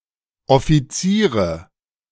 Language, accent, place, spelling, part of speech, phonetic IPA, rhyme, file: German, Germany, Berlin, Offiziere, noun, [ɔfiˈt͡siːʁə], -iːʁə, De-Offiziere.ogg
- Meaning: nominative/accusative/genitive plural of Offizier